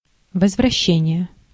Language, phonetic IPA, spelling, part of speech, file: Russian, [vəzvrɐˈɕːenʲɪje], возвращение, noun, Ru-возвращение.ogg
- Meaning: 1. return 2. restitution